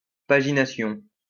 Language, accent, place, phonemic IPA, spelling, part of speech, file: French, France, Lyon, /pa.ʒi.na.sjɔ̃/, pagination, noun, LL-Q150 (fra)-pagination.wav
- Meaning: pagination